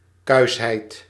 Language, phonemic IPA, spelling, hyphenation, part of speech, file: Dutch, /ˈkœy̯s.ɦɛɪt/, kuisheid, kuis‧heid, noun, Nl-kuisheid.ogg
- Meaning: chastity